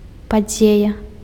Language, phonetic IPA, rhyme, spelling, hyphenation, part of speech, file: Belarusian, [paˈd͡zʲeja], -eja, падзея, па‧дзея, noun, Be-падзея.ogg
- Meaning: 1. case, incident 2. event (something that disrupts the usual order, the normal flow of life) 3. event (an important, remarkable phenomenon)